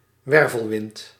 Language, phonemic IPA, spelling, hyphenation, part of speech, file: Dutch, /ˈwɛrvəlˌwɪnt/, wervelwind, wer‧vel‧wind, noun, Nl-wervelwind.ogg
- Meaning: whirlwind